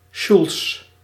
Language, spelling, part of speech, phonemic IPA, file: Dutch, sjoels, noun, /ʃuls/, Nl-sjoels.ogg
- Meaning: plural of sjoel